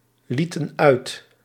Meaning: inflection of uitlaten: 1. plural past indicative 2. plural past subjunctive
- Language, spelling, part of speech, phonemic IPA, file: Dutch, lieten uit, verb, /ˈlitə(n) ˈœyt/, Nl-lieten uit.ogg